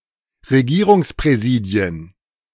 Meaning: plural of Regierungspräsidium
- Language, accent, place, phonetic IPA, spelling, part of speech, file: German, Germany, Berlin, [ʁeˈɡiːʁʊŋspʁɛˌziːdi̯ən], Regierungspräsidien, noun, De-Regierungspräsidien.ogg